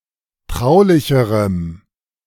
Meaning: strong dative masculine/neuter singular comparative degree of traulich
- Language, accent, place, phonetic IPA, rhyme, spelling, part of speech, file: German, Germany, Berlin, [ˈtʁaʊ̯lɪçəʁəm], -aʊ̯lɪçəʁəm, traulicherem, adjective, De-traulicherem.ogg